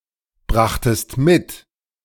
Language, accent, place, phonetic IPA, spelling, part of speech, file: German, Germany, Berlin, [ˌbʁaxtəst ˈmɪt], brachtest mit, verb, De-brachtest mit.ogg
- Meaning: second-person singular preterite of mitbringen